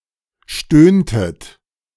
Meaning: inflection of stöhnen: 1. second-person plural preterite 2. second-person plural subjunctive II
- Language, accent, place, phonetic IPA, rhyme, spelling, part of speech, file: German, Germany, Berlin, [ˈʃtøːntət], -øːntət, stöhntet, verb, De-stöhntet.ogg